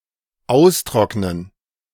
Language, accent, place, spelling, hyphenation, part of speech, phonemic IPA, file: German, Germany, Berlin, austrocknen, aus‧trock‧nen, verb, /ˈaʊ̯sˌtʁɔknən/, De-austrocknen.ogg
- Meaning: to dry out